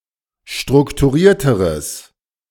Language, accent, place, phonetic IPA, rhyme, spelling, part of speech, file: German, Germany, Berlin, [ˌʃtʁʊktuˈʁiːɐ̯təʁəs], -iːɐ̯təʁəs, strukturierteres, adjective, De-strukturierteres.ogg
- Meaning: strong/mixed nominative/accusative neuter singular comparative degree of strukturiert